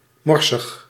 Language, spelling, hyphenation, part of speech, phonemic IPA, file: Dutch, morsig, mor‧sig, adjective, /ˈmɔr.səx/, Nl-morsig.ogg
- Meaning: 1. dirty, unclean, untidy 2. immoral, obscene